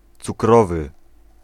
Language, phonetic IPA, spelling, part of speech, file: Polish, [t͡suˈkrɔvɨ], cukrowy, adjective, Pl-cukrowy.ogg